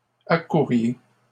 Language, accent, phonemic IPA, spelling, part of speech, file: French, Canada, /a.ku.ʁje/, accouriez, verb, LL-Q150 (fra)-accouriez.wav
- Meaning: inflection of accourir: 1. second-person plural imperfect indicative 2. second-person plural present subjunctive